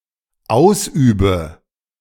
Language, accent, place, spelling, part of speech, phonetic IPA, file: German, Germany, Berlin, ausübe, verb, [ˈaʊ̯sˌʔyːbə], De-ausübe.ogg
- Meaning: inflection of ausüben: 1. first-person singular dependent present 2. first/third-person singular dependent subjunctive I